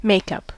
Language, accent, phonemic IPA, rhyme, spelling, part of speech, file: English, US, /ˈmeɪkʌp/, -eɪkʌp, makeup, noun / verb, En-us-makeup.ogg
- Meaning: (noun) 1. An item's composition 2. Cosmetics; colorants and other substances applied to the skin to alter its appearance 3. Replacement; material used to make up for the amount that has been used up